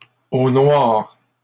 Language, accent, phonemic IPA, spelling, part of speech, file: French, Canada, /o nwaʁ/, au noir, prepositional phrase, LL-Q150 (fra)-au noir.wav
- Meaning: off the books, cash in hand, undeclared